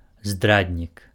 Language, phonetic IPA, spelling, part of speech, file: Belarusian, [ˈzdradnʲik], здраднік, noun, Be-здраднік.ogg
- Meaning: traitor, betrayer